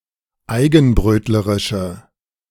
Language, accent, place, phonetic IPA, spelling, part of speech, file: German, Germany, Berlin, [ˈaɪ̯ɡn̩ˌbʁøːtləʁɪʃə], eigenbrötlerische, adjective, De-eigenbrötlerische.ogg
- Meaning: inflection of eigenbrötlerisch: 1. strong/mixed nominative/accusative feminine singular 2. strong nominative/accusative plural 3. weak nominative all-gender singular